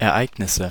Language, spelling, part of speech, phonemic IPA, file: German, Ereignisse, noun, /ɛɐ̯ˈʔaɪ̯ɡnɪsə/, De-Ereignisse.ogg
- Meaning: 1. dative singular of Ereignis 2. nominative plural of Ereignis 3. genitive plural of Ereignis 4. accusative plural of Ereignis